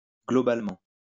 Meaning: 1. overall 2. globally
- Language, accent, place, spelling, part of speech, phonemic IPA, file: French, France, Lyon, globalement, adverb, /ɡlɔ.bal.mɑ̃/, LL-Q150 (fra)-globalement.wav